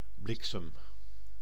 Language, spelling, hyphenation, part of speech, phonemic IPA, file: Dutch, bliksem, blik‧sem, noun / verb, /ˈblɪk.səm/, Nl-bliksem.ogg
- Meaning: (noun) lightning; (verb) inflection of bliksemen: 1. first-person singular present indicative 2. second-person singular present indicative 3. imperative